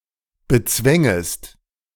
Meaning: second-person singular subjunctive II of bezwingen
- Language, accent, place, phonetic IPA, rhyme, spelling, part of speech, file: German, Germany, Berlin, [bəˈt͡svɛŋəst], -ɛŋəst, bezwängest, verb, De-bezwängest.ogg